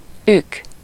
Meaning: distant ancestor, great-great (mainly used in compound words such as ükapa (“great-great-grandfather”))
- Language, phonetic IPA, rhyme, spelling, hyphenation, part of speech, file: Hungarian, [ˈyk], -yk, ük, ük, noun, Hu-ük.ogg